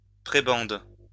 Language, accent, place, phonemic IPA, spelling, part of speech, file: French, France, Lyon, /pʁe.bɑ̃d/, prébende, noun, LL-Q150 (fra)-prébende.wav
- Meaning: prebend